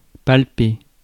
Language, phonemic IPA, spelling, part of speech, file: French, /pal.pe/, palper, verb, Fr-palper.ogg
- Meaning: to palpate